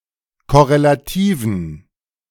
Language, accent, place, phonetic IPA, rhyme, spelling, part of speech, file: German, Germany, Berlin, [kɔʁelaˈtiːvn̩], -iːvn̩, korrelativen, adjective, De-korrelativen.ogg
- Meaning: inflection of korrelativ: 1. strong genitive masculine/neuter singular 2. weak/mixed genitive/dative all-gender singular 3. strong/weak/mixed accusative masculine singular 4. strong dative plural